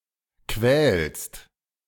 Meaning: second-person singular present of quälen
- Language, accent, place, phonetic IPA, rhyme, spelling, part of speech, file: German, Germany, Berlin, [kvɛːlst], -ɛːlst, quälst, verb, De-quälst.ogg